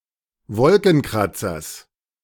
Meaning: genitive singular of Wolkenkratzer
- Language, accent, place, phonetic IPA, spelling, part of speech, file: German, Germany, Berlin, [ˈvɔlkn̩ˌkʁat͡sɐs], Wolkenkratzers, noun, De-Wolkenkratzers.ogg